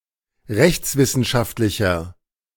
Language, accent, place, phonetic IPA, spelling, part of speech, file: German, Germany, Berlin, [ˈʁɛçt͡sˌvɪsn̩ʃaftlɪçɐ], rechtswissenschaftlicher, adjective, De-rechtswissenschaftlicher.ogg
- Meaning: inflection of rechtswissenschaftlich: 1. strong/mixed nominative masculine singular 2. strong genitive/dative feminine singular 3. strong genitive plural